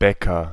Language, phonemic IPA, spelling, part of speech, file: German, /ˈbɛkɐ/, Bäcker, noun, De-Bäcker.ogg
- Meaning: 1. agent noun of backen (“one who bakes”) 2. agent noun of backen (“one who bakes”): baker (male or unspecified sex)